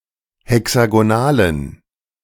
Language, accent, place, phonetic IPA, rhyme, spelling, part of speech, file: German, Germany, Berlin, [hɛksaɡoˈnaːlən], -aːlən, hexagonalen, adjective, De-hexagonalen.ogg
- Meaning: inflection of hexagonal: 1. strong genitive masculine/neuter singular 2. weak/mixed genitive/dative all-gender singular 3. strong/weak/mixed accusative masculine singular 4. strong dative plural